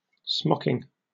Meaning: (noun) An embroidery technique in which the fabric is gathered and then embroidered with decorative stitches to hold the gathers in place; the product of the use of this embroidery technique
- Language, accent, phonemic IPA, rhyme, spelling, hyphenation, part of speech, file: English, Received Pronunciation, /ˈsmɒkɪŋ/, -ɒkɪŋ, smocking, smock‧ing, noun / verb, En-uk-smocking.oga